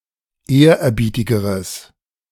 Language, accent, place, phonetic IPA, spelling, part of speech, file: German, Germany, Berlin, [ˈeːɐ̯ʔɛɐ̯ˌbiːtɪɡəʁəs], ehrerbietigeres, adjective, De-ehrerbietigeres.ogg
- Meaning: strong/mixed nominative/accusative neuter singular comparative degree of ehrerbietig